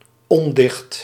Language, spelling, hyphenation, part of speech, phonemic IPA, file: Dutch, ondicht, on‧dicht, noun, /ˈɔn.dɪxt/, Nl-ondicht.ogg
- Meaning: 1. prose 2. work of prose